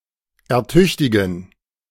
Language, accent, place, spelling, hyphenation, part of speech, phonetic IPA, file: German, Germany, Berlin, ertüchtigen, er‧tüch‧ti‧gen, verb, [ɛɐ̯ˈtʏçtɪɡn̩], De-ertüchtigen.ogg
- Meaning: to get fit